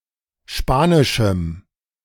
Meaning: strong dative masculine/neuter singular of spanisch
- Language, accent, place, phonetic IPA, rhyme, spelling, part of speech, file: German, Germany, Berlin, [ˈʃpaːnɪʃm̩], -aːnɪʃm̩, spanischem, adjective, De-spanischem.ogg